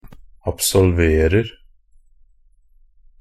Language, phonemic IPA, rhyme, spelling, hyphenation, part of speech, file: Norwegian Bokmål, /absɔlˈʋeːrər/, -ər, absolverer, ab‧sol‧ver‧er, verb, NB - Pronunciation of Norwegian Bokmål «absolverer».ogg
- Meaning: present tense of absolvere